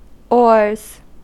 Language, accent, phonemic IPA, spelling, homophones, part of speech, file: English, US, /ɔɹz/, oars, ores / ors, noun / verb, En-us-oars.ogg
- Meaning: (noun) plural of oar; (verb) third-person singular simple present indicative of oar